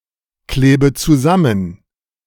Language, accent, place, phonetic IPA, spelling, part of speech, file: German, Germany, Berlin, [ˌkleːbə t͡suˈzamən], klebe zusammen, verb, De-klebe zusammen.ogg
- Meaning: inflection of zusammenkleben: 1. first-person singular present 2. first/third-person singular subjunctive I 3. singular imperative